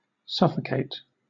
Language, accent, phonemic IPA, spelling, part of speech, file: English, Southern England, /ˈsʌfəkeɪt/, suffocate, verb / adjective, LL-Q1860 (eng)-suffocate.wav
- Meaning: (verb) 1. To suffer, or cause someone to suffer, from severely reduced oxygen intake to the body 2. To die due to, or kill someone by means of, insufficient oxygen supply to the body